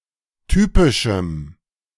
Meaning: strong dative masculine/neuter singular of typisch
- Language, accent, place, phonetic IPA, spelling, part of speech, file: German, Germany, Berlin, [ˈtyːpɪʃm̩], typischem, adjective, De-typischem.ogg